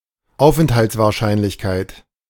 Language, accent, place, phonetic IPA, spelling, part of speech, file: German, Germany, Berlin, [ˈaʊ̯fʔɛnthalt͡svaːɐ̯ˌʃaɪ̯nlɪçˌkaɪ̯t], Aufenthaltswahrscheinlichkeit, noun, De-Aufenthaltswahrscheinlichkeit.ogg
- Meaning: probability of existence